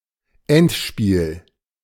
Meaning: 1. final (last round of a competition; only used of sports with two sides per match) 2. endgame (the final stage of a game of chess)
- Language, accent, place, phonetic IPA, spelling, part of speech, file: German, Germany, Berlin, [ˈɛntˌʃpiːl], Endspiel, noun, De-Endspiel.ogg